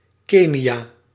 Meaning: Kenya (a country in East Africa)
- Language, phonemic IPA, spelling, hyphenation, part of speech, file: Dutch, /ˈkeː.niˌaː/, Kenia, Ke‧ni‧a, proper noun, Nl-Kenia.ogg